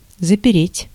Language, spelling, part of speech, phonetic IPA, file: Russian, запереть, verb, [zəpʲɪˈrʲetʲ], Ru-запереть.ogg
- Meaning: 1. to lock 2. to block up, to bar, to blockade